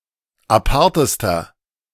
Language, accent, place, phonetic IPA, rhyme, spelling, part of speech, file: German, Germany, Berlin, [aˈpaʁtəstɐ], -aʁtəstɐ, apartester, adjective, De-apartester.ogg
- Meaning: inflection of apart: 1. strong/mixed nominative masculine singular superlative degree 2. strong genitive/dative feminine singular superlative degree 3. strong genitive plural superlative degree